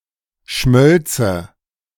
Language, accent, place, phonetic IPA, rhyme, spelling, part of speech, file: German, Germany, Berlin, [ˈʃmœlt͡sə], -œlt͡sə, schmölze, verb, De-schmölze.ogg
- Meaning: first/third-person singular subjunctive II of schmelzen